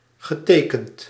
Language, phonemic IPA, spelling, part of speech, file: Dutch, /ɣəˈtekənt/, getekend, adjective / verb, Nl-getekend.ogg
- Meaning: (adjective) full of both physical and emotional scars; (verb) past participle of tekenen